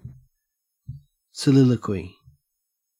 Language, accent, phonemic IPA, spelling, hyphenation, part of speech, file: English, Australia, /səˈlɪləkwi/, soliloquy, so‧lil‧o‧quy, noun / verb, En-au-soliloquy.ogg
- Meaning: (noun) 1. The act of a character speaking to themselves so as to reveal their thoughts to the audience 2. A speech or written discourse in this form; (verb) To issue a soliloquy